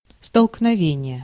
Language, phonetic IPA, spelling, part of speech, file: Russian, [stəɫknɐˈvʲenʲɪje], столкновение, noun, Ru-столкновение.ogg
- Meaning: 1. collision 2. clash